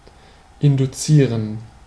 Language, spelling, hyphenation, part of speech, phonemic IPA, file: German, induzieren, in‧du‧zie‧ren, verb, /ɪnduˈtsiːʁən/, De-induzieren.ogg
- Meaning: to induce